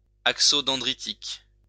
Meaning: dendritic
- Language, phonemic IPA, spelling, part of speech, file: French, /dɑ̃.dʁi.tik/, dendritique, adjective, LL-Q150 (fra)-dendritique.wav